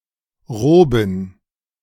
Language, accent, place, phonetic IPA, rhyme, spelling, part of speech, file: German, Germany, Berlin, [ˈʁoːbn̩], -oːbn̩, Roben, noun, De-Roben.ogg
- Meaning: plural of Robe